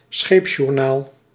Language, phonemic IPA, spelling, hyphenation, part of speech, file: Dutch, /ˈsxeːp.ʃuːrˌnaːl/, scheepsjournaal, scheeps‧jour‧naal, noun, Nl-scheepsjournaal.ogg
- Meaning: ship's log, logbook of a ship